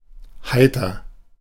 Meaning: 1. cheerful, light-hearted 2. fair (weather)
- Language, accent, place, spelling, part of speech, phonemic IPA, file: German, Germany, Berlin, heiter, adjective, /ˈhaɪ̯tɐ/, De-heiter.ogg